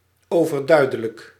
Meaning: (adjective) obvious; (adverb) obviously
- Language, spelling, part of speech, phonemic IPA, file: Dutch, overduidelijk, adjective, /ˈovərˌdœydələk/, Nl-overduidelijk.ogg